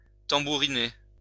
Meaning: to drum, drum down
- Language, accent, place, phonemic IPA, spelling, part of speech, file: French, France, Lyon, /tɑ̃.bu.ʁi.ne/, tambouriner, verb, LL-Q150 (fra)-tambouriner.wav